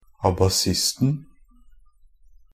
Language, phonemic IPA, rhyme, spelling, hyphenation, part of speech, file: Norwegian Bokmål, /abaˈsɪstn̩/, -ɪstn̩, abasisten, a‧ba‧sist‧en, noun, NB - Pronunciation of Norwegian Bokmål «abasisten».ogg
- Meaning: definite singular of abasist